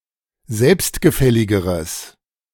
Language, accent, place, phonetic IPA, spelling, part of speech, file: German, Germany, Berlin, [ˈzɛlpstɡəˌfɛlɪɡəʁəs], selbstgefälligeres, adjective, De-selbstgefälligeres.ogg
- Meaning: strong/mixed nominative/accusative neuter singular comparative degree of selbstgefällig